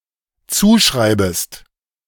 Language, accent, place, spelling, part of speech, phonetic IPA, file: German, Germany, Berlin, zuschreibest, verb, [ˈt͡suːˌʃʁaɪ̯bəst], De-zuschreibest.ogg
- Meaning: second-person singular dependent subjunctive I of zuschreiben